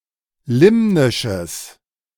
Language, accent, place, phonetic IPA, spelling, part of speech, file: German, Germany, Berlin, [ˈlɪmnɪʃəs], limnisches, adjective, De-limnisches.ogg
- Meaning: strong/mixed nominative/accusative neuter singular of limnisch